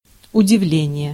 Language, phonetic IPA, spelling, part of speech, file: Russian, [ʊdʲɪˈvlʲenʲɪje], удивление, noun, Ru-удивление.ogg
- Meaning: astonishment, amazement, surprise, wonder (feeling that something unexpected has happened)